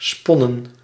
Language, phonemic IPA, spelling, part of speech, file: Dutch, /ˈspɔnə(n)/, sponnen, noun / verb, Nl-sponnen.ogg
- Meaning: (verb) inflection of spinnen: 1. plural past indicative 2. plural past subjunctive; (noun) plural of spon